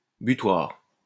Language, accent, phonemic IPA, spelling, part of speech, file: French, France, /by.twaʁ/, butoir, noun, LL-Q150 (fra)-butoir.wav
- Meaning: 1. buffer (of railway) 2. doorstop, doorstopper 3. toeboard, oche